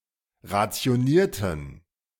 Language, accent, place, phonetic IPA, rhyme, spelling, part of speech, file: German, Germany, Berlin, [ʁat͡si̯oˈniːɐ̯tn̩], -iːɐ̯tn̩, rationierten, adjective / verb, De-rationierten.ogg
- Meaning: inflection of rationieren: 1. first/third-person plural preterite 2. first/third-person plural subjunctive II